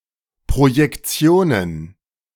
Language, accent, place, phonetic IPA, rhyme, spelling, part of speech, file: German, Germany, Berlin, [pʁojɛkˈt͡si̯oːnən], -oːnən, Projektionen, noun, De-Projektionen.ogg
- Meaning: plural of Projektion